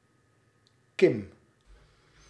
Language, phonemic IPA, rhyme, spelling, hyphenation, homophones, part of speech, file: Dutch, /kɪm/, -ɪm, kim, kim, Kim, noun, Nl-kim.ogg
- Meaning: horizon